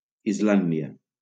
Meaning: Iceland (an island and country in the North Atlantic Ocean in Europe)
- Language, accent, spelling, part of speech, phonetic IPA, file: Catalan, Valencia, Islàndia, proper noun, [izˈlan.di.a], LL-Q7026 (cat)-Islàndia.wav